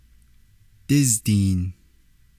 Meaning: forty
- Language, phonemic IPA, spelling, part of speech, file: Navajo, /tɪ́ztìːn/, dízdiin, numeral, Nv-dízdiin.ogg